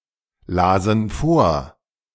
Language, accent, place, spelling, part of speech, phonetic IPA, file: German, Germany, Berlin, lasen vor, verb, [ˌlaːzn̩ ˈfoːɐ̯], De-lasen vor.ogg
- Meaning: first/third-person plural preterite of vorlesen